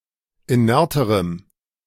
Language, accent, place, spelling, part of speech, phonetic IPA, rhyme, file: German, Germany, Berlin, inerterem, adjective, [iˈnɛʁtəʁəm], -ɛʁtəʁəm, De-inerterem.ogg
- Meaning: strong dative masculine/neuter singular comparative degree of inert